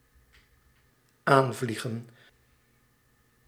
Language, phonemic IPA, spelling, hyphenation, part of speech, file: Dutch, /ˈaːnˌvli.ɣə(n)/, aanvliegen, aan‧vlie‧gen, verb, Nl-aanvliegen.ogg
- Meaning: 1. to fly near, to arrive or approach by flying 2. (informal, office jargon) to approach (a problem, a subject)